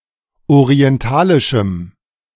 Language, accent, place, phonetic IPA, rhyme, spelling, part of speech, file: German, Germany, Berlin, [oʁiɛnˈtaːlɪʃm̩], -aːlɪʃm̩, orientalischem, adjective, De-orientalischem.ogg
- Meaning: strong dative masculine/neuter singular of orientalisch